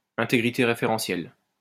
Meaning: referential integrity
- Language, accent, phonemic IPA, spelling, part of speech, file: French, France, /ɛ̃.te.ɡʁi.te ʁe.fe.ʁɑ̃.sjɛl/, intégrité référentielle, noun, LL-Q150 (fra)-intégrité référentielle.wav